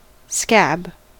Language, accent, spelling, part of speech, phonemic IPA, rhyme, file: English, US, scab, noun / verb, /skæb/, -æb, En-us-scab.ogg
- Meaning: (noun) 1. An incrustation over a sore, wound, vesicle, or pustule, formed during healing 2. The scabies 3. The mange, especially when it appears on sheep